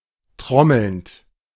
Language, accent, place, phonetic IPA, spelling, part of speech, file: German, Germany, Berlin, [ˈtʁɔml̩nt], trommelnd, verb, De-trommelnd.ogg
- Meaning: present participle of trommeln